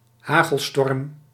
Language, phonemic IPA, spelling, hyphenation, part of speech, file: Dutch, /ˈɦaː.ɣəlˌstɔrm/, hagelstorm, ha‧gel‧storm, noun, Nl-hagelstorm.ogg
- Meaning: hailstorm (storm accompanied by precipitation in the form of hail)